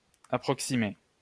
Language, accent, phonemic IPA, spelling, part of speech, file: French, France, /a.pʁɔk.si.me/, approximer, verb, LL-Q150 (fra)-approximer.wav
- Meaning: to approximate (to carry or advance near; to cause to approach)